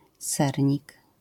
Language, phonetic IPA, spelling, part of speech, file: Polish, [ˈsɛrʲɲik], sernik, noun, LL-Q809 (pol)-sernik.wav